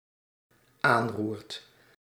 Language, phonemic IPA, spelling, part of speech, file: Dutch, /ˈanrurt/, aanroert, verb, Nl-aanroert.ogg
- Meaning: second/third-person singular dependent-clause present indicative of aanroeren